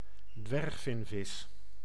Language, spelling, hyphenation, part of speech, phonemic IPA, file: Dutch, dwergvinvis, dwerg‧vin‧vis, noun, /ˈdʋɛrxˌfɪn.vɪs/, Nl-dwergvinvis.ogg
- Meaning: northern minke whale, common minke whale, Balaenoptera acutorostrata